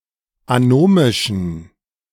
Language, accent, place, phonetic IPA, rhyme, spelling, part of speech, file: German, Germany, Berlin, [aˈnoːmɪʃn̩], -oːmɪʃn̩, anomischen, adjective, De-anomischen.ogg
- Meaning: inflection of anomisch: 1. strong genitive masculine/neuter singular 2. weak/mixed genitive/dative all-gender singular 3. strong/weak/mixed accusative masculine singular 4. strong dative plural